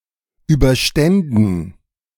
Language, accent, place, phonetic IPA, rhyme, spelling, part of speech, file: German, Germany, Berlin, [ˌyːbɐˈʃtɛndn̩], -ɛndn̩, überständen, verb, De-überständen.ogg
- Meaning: first/third-person plural subjunctive II of überstehen